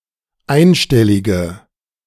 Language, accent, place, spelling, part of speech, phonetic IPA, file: German, Germany, Berlin, einstellige, adjective, [ˈaɪ̯nˌʃtɛlɪɡə], De-einstellige.ogg
- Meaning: inflection of einstellig: 1. strong/mixed nominative/accusative feminine singular 2. strong nominative/accusative plural 3. weak nominative all-gender singular